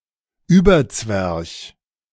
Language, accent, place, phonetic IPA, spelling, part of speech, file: German, Germany, Berlin, [ˈyːbɐˌt͡svɛʁç], überzwerch, adjective, De-überzwerch.ogg
- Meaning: 1. crossed, (turned) crosswise; turned, especially in an inappropriate way 2. crotchety 3. fesswise; turned sideways